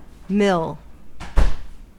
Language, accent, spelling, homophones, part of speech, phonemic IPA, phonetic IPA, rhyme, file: English, US, mill, mil, noun / verb, /mɪl/, [mɪɫ], -ɪl, En-us-mill.ogg
- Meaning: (noun) A grinding apparatus for substances such as grains, seeds, etc. (Some are small and simple, and some are large and complex.)